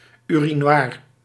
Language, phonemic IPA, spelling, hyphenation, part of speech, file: Dutch, /ˌy.riˈnʋaːr/, urinoir, uri‧noir, noun, Nl-urinoir.ogg
- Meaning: urinal